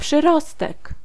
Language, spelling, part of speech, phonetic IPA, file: Polish, przyrostek, noun, [pʃɨˈrɔstɛk], Pl-przyrostek.ogg